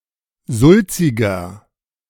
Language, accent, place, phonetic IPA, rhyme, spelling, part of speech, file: German, Germany, Berlin, [ˈzʊlt͡sɪɡɐ], -ʊlt͡sɪɡɐ, sulziger, adjective, De-sulziger.ogg
- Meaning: 1. comparative degree of sulzig 2. inflection of sulzig: strong/mixed nominative masculine singular 3. inflection of sulzig: strong genitive/dative feminine singular